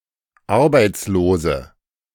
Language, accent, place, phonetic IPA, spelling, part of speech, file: German, Germany, Berlin, [ˈaʁbaɪ̯t͡sloːzə], arbeitslose, adjective, De-arbeitslose.ogg
- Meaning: inflection of arbeitslos: 1. strong/mixed nominative/accusative feminine singular 2. strong nominative/accusative plural 3. weak nominative all-gender singular